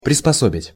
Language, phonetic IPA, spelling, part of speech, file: Russian, [prʲɪspɐˈsobʲɪtʲ], приспособить, verb, Ru-приспособить.ogg
- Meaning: 1. to fit, to adapt, to adjust, to accommodate 2. to convert